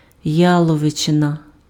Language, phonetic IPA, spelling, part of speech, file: Ukrainian, [ˈjaɫɔʋet͡ʃenɐ], яловичина, noun, Uk-яловичина.ogg
- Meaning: beef